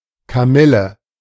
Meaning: camomile (plant of the genus Matricaria, particularly Matricaria recutita, German chamomile)
- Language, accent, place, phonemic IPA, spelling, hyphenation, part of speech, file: German, Germany, Berlin, /kaˈmɪlə/, Kamille, Ka‧mil‧le, noun, De-Kamille.ogg